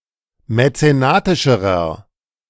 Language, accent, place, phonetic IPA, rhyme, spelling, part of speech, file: German, Germany, Berlin, [mɛt͡seˈnaːtɪʃəʁɐ], -aːtɪʃəʁɐ, mäzenatischerer, adjective, De-mäzenatischerer.ogg
- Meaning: inflection of mäzenatisch: 1. strong/mixed nominative masculine singular comparative degree 2. strong genitive/dative feminine singular comparative degree 3. strong genitive plural comparative degree